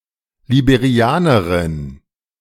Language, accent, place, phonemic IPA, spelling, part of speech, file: German, Germany, Berlin, /libeʁiˈaːnɐʁɪn/, Liberianerin, noun, De-Liberianerin.ogg
- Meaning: Liberian (female person from Liberia)